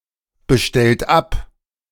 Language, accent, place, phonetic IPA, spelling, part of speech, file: German, Germany, Berlin, [bəˌʃtɛlt ˈap], bestellt ab, verb, De-bestellt ab.ogg
- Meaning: inflection of abbestellen: 1. third-person singular present 2. second-person plural present 3. plural imperative